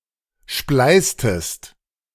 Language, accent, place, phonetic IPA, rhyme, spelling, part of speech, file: German, Germany, Berlin, [ˈʃplaɪ̯stəst], -aɪ̯stəst, spleißtest, verb, De-spleißtest.ogg
- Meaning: inflection of spleißen: 1. second-person singular preterite 2. second-person singular subjunctive II